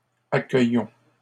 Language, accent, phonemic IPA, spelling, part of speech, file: French, Canada, /a.kœ.jɔ̃/, accueillons, verb, LL-Q150 (fra)-accueillons.wav
- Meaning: inflection of accueillir: 1. first-person plural present indicative 2. first-person plural imperative